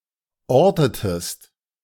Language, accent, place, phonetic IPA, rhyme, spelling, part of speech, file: German, Germany, Berlin, [ˈɔʁtətəst], -ɔʁtətəst, ortetest, verb, De-ortetest.ogg
- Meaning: inflection of orten: 1. second-person singular preterite 2. second-person singular subjunctive II